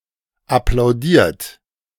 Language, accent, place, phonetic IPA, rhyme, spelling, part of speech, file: German, Germany, Berlin, [aplaʊ̯ˈdiːɐ̯t], -iːɐ̯t, applaudiert, verb, De-applaudiert.ogg
- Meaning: 1. past participle of applaudieren 2. inflection of applaudieren: third-person singular present 3. inflection of applaudieren: second-person plural present